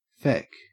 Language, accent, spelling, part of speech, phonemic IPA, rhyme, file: English, Australia, feck, noun / verb, /fɛk/, -ɛk, En-au-feck.ogg
- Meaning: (noun) 1. Effect, value; vigor 2. The greater or larger part; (verb) 1. To steal 2. Used in place of fuck